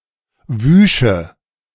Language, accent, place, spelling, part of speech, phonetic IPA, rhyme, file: German, Germany, Berlin, wüsche, verb, [ˈvyːʃə], -yːʃə, De-wüsche.ogg
- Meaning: first/third-person singular subjunctive II of waschen